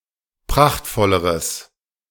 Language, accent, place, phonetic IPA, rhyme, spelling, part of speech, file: German, Germany, Berlin, [ˈpʁaxtfɔləʁəs], -axtfɔləʁəs, prachtvolleres, adjective, De-prachtvolleres.ogg
- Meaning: strong/mixed nominative/accusative neuter singular comparative degree of prachtvoll